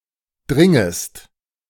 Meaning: second-person singular subjunctive I of dringen
- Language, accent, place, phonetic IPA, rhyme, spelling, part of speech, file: German, Germany, Berlin, [ˈdʁɪŋəst], -ɪŋəst, dringest, verb, De-dringest.ogg